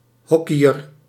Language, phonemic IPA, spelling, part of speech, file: Dutch, /ˈhɔkijər/, hockeyer, noun, Nl-hockeyer.ogg
- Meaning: hockey player